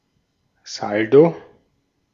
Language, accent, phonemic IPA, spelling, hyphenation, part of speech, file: German, Austria, /ˈsald̥o/, Saldo, Sal‧do, noun, De-at-Saldo.ogg
- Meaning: 1. balance (difference between the sum of debit entries and the sum of credit entries) 2. bottom line (final balance)